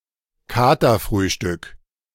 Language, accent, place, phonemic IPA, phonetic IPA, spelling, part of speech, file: German, Germany, Berlin, /ˈkaːtərˌfryːʃtʏk/, [ˈkaː.tɐˌfʁyː.ʃtʏk], Katerfrühstück, noun, De-Katerfrühstück.ogg
- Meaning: first meal of the day after a night of heavy drinking, intended to alleviate the hangover